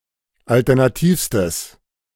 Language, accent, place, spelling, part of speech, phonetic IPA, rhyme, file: German, Germany, Berlin, alternativstes, adjective, [ˌaltɛʁnaˈtiːfstəs], -iːfstəs, De-alternativstes.ogg
- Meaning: strong/mixed nominative/accusative neuter singular superlative degree of alternativ